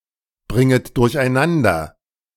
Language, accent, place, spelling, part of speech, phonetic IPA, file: German, Germany, Berlin, bringet durcheinander, verb, [ˌbʁɪŋət dʊʁçʔaɪ̯ˈnandɐ], De-bringet durcheinander.ogg
- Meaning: second-person plural subjunctive I of durcheinanderbringen